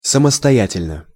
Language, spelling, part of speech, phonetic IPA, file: Russian, самостоятельно, adverb / adjective, [səməstɐˈjætʲɪlʲnə], Ru-самостоятельно.ogg
- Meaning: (adverb) 1. independently, solo 2. by oneself, without assistance, on one's own, self-sufficiently; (adjective) short neuter singular of самостоя́тельный (samostojátelʹnyj)